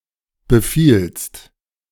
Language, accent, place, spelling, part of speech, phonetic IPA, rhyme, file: German, Germany, Berlin, befielst, verb, [bəˈfiːlst], -iːlst, De-befielst.ogg
- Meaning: second-person singular preterite of befallen